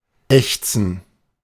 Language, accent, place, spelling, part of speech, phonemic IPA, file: German, Germany, Berlin, ächzen, verb, /ˈɛçt͡sən/, De-ächzen.ogg
- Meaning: 1. to groan 2. to creak